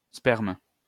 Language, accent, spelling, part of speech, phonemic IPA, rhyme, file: French, France, sperme, noun / verb, /spɛʁm/, -ɛʁm, LL-Q150 (fra)-sperme.wav
- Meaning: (noun) semen; sperm; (verb) inflection of spermer: 1. first/third-person singular present indicative/subjunctive 2. second-person singular imperative